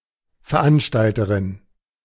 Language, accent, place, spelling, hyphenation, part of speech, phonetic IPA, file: German, Germany, Berlin, Veranstalterin, Ver‧an‧stal‧te‧rin, noun, [fɛɐ̯ˈʔanʃtaltəʁɪn], De-Veranstalterin.ogg
- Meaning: female equivalent of Veranstalter